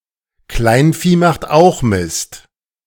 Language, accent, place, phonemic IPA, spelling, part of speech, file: German, Germany, Berlin, /ˈklaɪ̯nfiː maxt ˈaʊ̯x mɪst/, Kleinvieh macht auch Mist, proverb, De-Kleinvieh macht auch Mist.ogg
- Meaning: many a mickle makes a muckle